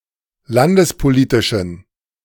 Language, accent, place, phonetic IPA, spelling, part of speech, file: German, Germany, Berlin, [ˈlandəspoˌliːtɪʃn̩], landespolitischen, adjective, De-landespolitischen.ogg
- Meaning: inflection of landespolitisch: 1. strong genitive masculine/neuter singular 2. weak/mixed genitive/dative all-gender singular 3. strong/weak/mixed accusative masculine singular 4. strong dative plural